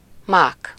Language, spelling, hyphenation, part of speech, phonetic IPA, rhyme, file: Hungarian, mák, mák, noun, [ˈmaːk], -aːk, Hu-mák.ogg
- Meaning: 1. poppy, poppy seed 2. fluke, a stroke of luck